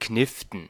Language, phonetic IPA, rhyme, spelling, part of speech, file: German, [ˈknɪftn̩], -ɪftn̩, Kniften, noun, De-Kniften.ogg
- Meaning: plural of Knifte